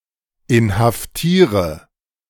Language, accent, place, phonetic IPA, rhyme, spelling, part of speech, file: German, Germany, Berlin, [ɪnhafˈtiːʁə], -iːʁə, inhaftiere, verb, De-inhaftiere.ogg
- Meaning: inflection of inhaftieren: 1. first-person singular present 2. first/third-person singular subjunctive I 3. singular imperative